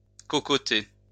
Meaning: to yap, jabber, blather
- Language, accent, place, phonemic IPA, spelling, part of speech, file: French, France, Lyon, /kɔ.kɔ.te/, cocoter, verb, LL-Q150 (fra)-cocoter.wav